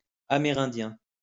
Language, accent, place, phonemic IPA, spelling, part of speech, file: French, France, Lyon, /a.me.ʁɛ̃.djɛ̃/, Amérindien, noun, LL-Q150 (fra)-Amérindien.wav
- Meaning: alternative form of amérindien